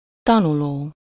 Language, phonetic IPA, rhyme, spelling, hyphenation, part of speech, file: Hungarian, [ˈtɒnuloː], -loː, tanuló, ta‧nu‧ló, verb / noun, Hu-tanuló.ogg
- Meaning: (verb) present participle of tanul; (noun) pupil (student, chiefly one under 18, less commonly a university student)